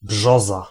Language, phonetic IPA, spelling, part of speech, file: Polish, [ˈbʒɔza], brzoza, noun, Pl-brzoza.ogg